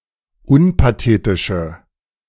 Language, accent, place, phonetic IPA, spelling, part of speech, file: German, Germany, Berlin, [ˈʊnpaˌteːtɪʃə], unpathetische, adjective, De-unpathetische.ogg
- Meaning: inflection of unpathetisch: 1. strong/mixed nominative/accusative feminine singular 2. strong nominative/accusative plural 3. weak nominative all-gender singular